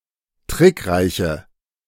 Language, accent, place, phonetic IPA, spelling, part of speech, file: German, Germany, Berlin, [ˈtʁɪkˌʁaɪ̯çə], trickreiche, adjective, De-trickreiche.ogg
- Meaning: inflection of trickreich: 1. strong/mixed nominative/accusative feminine singular 2. strong nominative/accusative plural 3. weak nominative all-gender singular